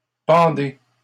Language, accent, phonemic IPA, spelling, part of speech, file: French, Canada, /pɑ̃.de/, pendez, verb, LL-Q150 (fra)-pendez.wav
- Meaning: inflection of pendre: 1. second-person plural present indicative 2. second-person plural imperative